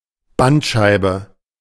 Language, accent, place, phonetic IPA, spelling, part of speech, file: German, Germany, Berlin, [ˈbantˌʃaɪ̯bə], Bandscheibe, noun, De-Bandscheibe.ogg
- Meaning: spinal disc, intervertebral disc